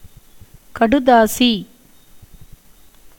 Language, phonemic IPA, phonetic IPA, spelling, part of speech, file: Tamil, /kɐɖʊd̪ɑːtʃiː/, [kɐɖʊd̪äːsiː], கடுதாசி, noun, Ta-கடுதாசி.ogg
- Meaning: letter (written message)